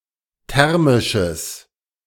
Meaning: strong/mixed nominative/accusative neuter singular of thermisch
- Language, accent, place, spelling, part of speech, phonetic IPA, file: German, Germany, Berlin, thermisches, adjective, [ˈtɛʁmɪʃəs], De-thermisches.ogg